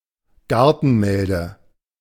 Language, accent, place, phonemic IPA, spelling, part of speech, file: German, Germany, Berlin, /ˈɡaʁtn̩ˌmɛldə/, Gartenmelde, noun, De-Gartenmelde.ogg
- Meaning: the plant species Atriplex hortensis, garden orache